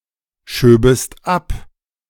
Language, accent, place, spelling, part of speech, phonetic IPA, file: German, Germany, Berlin, schöbest ab, verb, [ˌʃøːbəst ˈap], De-schöbest ab.ogg
- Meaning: second-person singular subjunctive II of abschieben